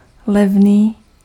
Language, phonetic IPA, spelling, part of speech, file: Czech, [ˈlɛvniː], levný, adjective, Cs-levný.ogg
- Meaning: cheap